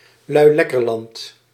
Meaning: alternative letter-case form of Luilekkerland
- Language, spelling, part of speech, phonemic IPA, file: Dutch, luilekkerland, noun, /lœyˈlɛkərˌlɑnt/, Nl-luilekkerland.ogg